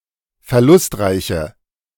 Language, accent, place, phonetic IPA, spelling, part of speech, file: German, Germany, Berlin, [fɛɐ̯ˈlʊstˌʁaɪ̯çə], verlustreiche, adjective, De-verlustreiche.ogg
- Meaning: inflection of verlustreich: 1. strong/mixed nominative/accusative feminine singular 2. strong nominative/accusative plural 3. weak nominative all-gender singular